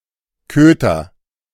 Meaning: dog, pooch, cur
- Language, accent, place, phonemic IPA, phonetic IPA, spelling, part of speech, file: German, Germany, Berlin, /ˈkøːtər/, [ˈkʰøː.tɐ], Köter, noun, De-Köter.ogg